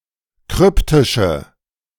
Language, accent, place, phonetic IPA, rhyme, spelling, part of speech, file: German, Germany, Berlin, [ˈkʁʏptɪʃə], -ʏptɪʃə, kryptische, adjective, De-kryptische.ogg
- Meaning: inflection of kryptisch: 1. strong/mixed nominative/accusative feminine singular 2. strong nominative/accusative plural 3. weak nominative all-gender singular